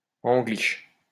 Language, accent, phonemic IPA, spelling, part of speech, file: French, France, /ɑ̃.ɡliʃ/, angliche, adjective, LL-Q150 (fra)-angliche.wav
- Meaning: pom, limey, English